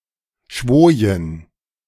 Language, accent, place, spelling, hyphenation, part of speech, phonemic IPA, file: German, Germany, Berlin, schwojen, schwo‧jen, verb, /ˈʃvoːjən/, De-schwojen.ogg
- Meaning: to sway while anchored